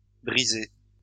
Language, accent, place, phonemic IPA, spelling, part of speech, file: French, France, Lyon, /bʁi.ze/, brisée, verb, LL-Q150 (fra)-brisée.wav
- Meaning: feminine singular of brisé